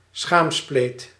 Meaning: vulva
- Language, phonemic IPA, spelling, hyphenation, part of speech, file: Dutch, /ˈsxaːm.spleːt/, schaamspleet, schaam‧spleet, noun, Nl-schaamspleet.ogg